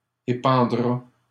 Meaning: third-person singular simple future of épandre
- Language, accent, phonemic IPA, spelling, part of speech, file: French, Canada, /e.pɑ̃.dʁa/, épandra, verb, LL-Q150 (fra)-épandra.wav